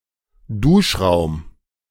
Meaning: a bathroom with showers that is not in a private dwelling, e.g. in a barracks or low-cost hostel
- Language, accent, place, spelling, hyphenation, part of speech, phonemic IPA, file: German, Germany, Berlin, Duschraum, Dusch‧raum, noun, /ˈduːʃˌʁaʊ̯m/, De-Duschraum.ogg